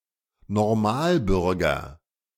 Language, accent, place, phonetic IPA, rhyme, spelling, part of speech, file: German, Germany, Berlin, [nɔʁˈmaːlˌbʏʁɡɐ], -aːlbʏʁɡɐ, Normalbürger, noun, De-Normalbürger.ogg
- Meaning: average citizen